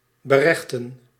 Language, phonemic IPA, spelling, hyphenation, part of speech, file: Dutch, /bəˈrɛxtə(n)/, berechten, be‧rech‧ten, verb, Nl-berechten.ogg
- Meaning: to judge, to try (take to court/trial)